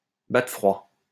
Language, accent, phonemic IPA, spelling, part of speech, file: French, France, /ba.tʁə fʁwa/, battre froid, verb, LL-Q150 (fra)-battre froid.wav
- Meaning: to give the cold shoulder to, to cold-shoulder